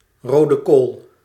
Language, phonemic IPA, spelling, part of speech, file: Dutch, /ˌroː.də ˈkoːl/, rode kool, noun, Nl-rode kool.ogg
- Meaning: red cabbage, purple-leaved variety of Brassica oleracea